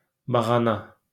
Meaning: lambskin
- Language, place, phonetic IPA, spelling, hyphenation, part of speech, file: Azerbaijani, Baku, [bɑɣɑˈnɑ], bağana, ba‧ğa‧na, noun, LL-Q9292 (aze)-bağana.wav